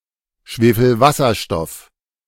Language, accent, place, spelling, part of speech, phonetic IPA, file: German, Germany, Berlin, Schwefelwasserstoff, noun, [ˌʃveːfl̩ˈvasɐʃtɔf], De-Schwefelwasserstoff.ogg
- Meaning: hydrogen sulfide